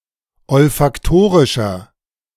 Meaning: inflection of olfaktorisch: 1. strong/mixed nominative masculine singular 2. strong genitive/dative feminine singular 3. strong genitive plural
- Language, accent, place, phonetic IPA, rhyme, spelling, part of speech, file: German, Germany, Berlin, [ɔlfakˈtoːʁɪʃɐ], -oːʁɪʃɐ, olfaktorischer, adjective, De-olfaktorischer.ogg